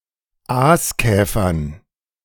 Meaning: dative plural of Aaskäfer
- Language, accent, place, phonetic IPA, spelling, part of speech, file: German, Germany, Berlin, [ˈaːsˌkɛːfɐn], Aaskäfern, noun, De-Aaskäfern.ogg